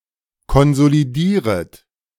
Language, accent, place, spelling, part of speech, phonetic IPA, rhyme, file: German, Germany, Berlin, konsolidieret, verb, [kɔnzoliˈdiːʁət], -iːʁət, De-konsolidieret.ogg
- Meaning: second-person plural subjunctive I of konsolidieren